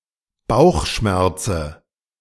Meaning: dative singular of Bauchschmerz
- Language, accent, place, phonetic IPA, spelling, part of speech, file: German, Germany, Berlin, [ˈbaʊ̯xˌʃmɛʁt͡sə], Bauchschmerze, noun, De-Bauchschmerze.ogg